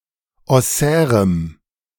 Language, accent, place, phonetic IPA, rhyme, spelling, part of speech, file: German, Germany, Berlin, [ɔˈsɛːʁəm], -ɛːʁəm, ossärem, adjective, De-ossärem.ogg
- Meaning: strong dative masculine/neuter singular of ossär